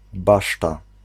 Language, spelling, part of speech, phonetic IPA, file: Polish, baszta, noun, [ˈbaʃta], Pl-baszta.ogg